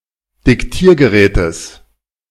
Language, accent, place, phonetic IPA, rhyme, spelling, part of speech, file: German, Germany, Berlin, [dɪkˈtiːɐ̯ɡəˌʁɛːtəs], -iːɐ̯ɡəʁɛːtəs, Diktiergerätes, noun, De-Diktiergerätes.ogg
- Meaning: genitive singular of Diktiergerät